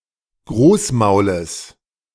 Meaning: genitive singular of Großmaul
- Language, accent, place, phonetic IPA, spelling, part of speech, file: German, Germany, Berlin, [ˈɡʁoːsˌmaʊ̯ləs], Großmaules, noun, De-Großmaules.ogg